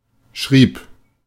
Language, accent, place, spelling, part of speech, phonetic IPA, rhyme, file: German, Germany, Berlin, schrieb, verb, [ʃʁiːp], -iːp, De-schrieb.ogg
- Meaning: first/third-person singular preterite of schreiben